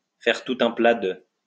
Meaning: to make a meal of, make a big thing out of
- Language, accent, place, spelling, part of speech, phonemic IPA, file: French, France, Lyon, faire tout un plat de, verb, /fɛʁ tu.t‿œ̃ pla də/, LL-Q150 (fra)-faire tout un plat de.wav